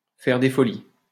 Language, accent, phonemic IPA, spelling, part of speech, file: French, France, /fɛʁ de fɔ.li/, faire des folies, verb, LL-Q150 (fra)-faire des folies.wav
- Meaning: to spend money extravagantly, to splash out, to splurge, to go on a spending spree